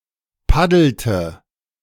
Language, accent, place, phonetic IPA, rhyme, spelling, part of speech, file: German, Germany, Berlin, [ˈpadl̩tə], -adl̩tə, paddelte, verb, De-paddelte.ogg
- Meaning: inflection of paddeln: 1. first/third-person singular preterite 2. first/third-person singular subjunctive II